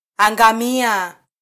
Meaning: 1. to sink 2. to drown 3. to be destroyed
- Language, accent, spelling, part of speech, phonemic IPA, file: Swahili, Kenya, angamia, verb, /ɑ.ᵑɡɑˈmi.ɑ/, Sw-ke-angamia.flac